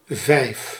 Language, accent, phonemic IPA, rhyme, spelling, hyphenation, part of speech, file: Dutch, Netherlands, /vɛi̯f/, -ɛi̯f, vijf, vijf, numeral, Nl-vijf.ogg
- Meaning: five